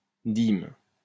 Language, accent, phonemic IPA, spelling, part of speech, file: French, France, /dim/, dîme, noun, LL-Q150 (fra)-dîme.wav
- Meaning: tithe